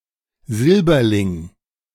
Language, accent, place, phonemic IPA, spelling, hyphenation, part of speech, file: German, Germany, Berlin, /ˈzɪlbɐlɪŋ/, Silberling, Sil‧ber‧ling, noun, De-Silberling.ogg
- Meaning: silverling